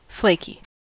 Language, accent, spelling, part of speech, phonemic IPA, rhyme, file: English, US, flaky, adjective, /ˈfleɪki/, -eɪki, En-us-flaky.ogg
- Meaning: 1. Consisting of flakes or of small, loose masses; lying, or cleaving off, in flakes or layers; flakelike 2. Unreliable; likely to make plans with others but then abandon those plans